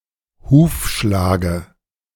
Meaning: dative singular of Hufschlag
- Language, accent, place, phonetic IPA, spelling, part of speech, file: German, Germany, Berlin, [ˈhuːfˌʃlaːɡə], Hufschlage, noun, De-Hufschlage.ogg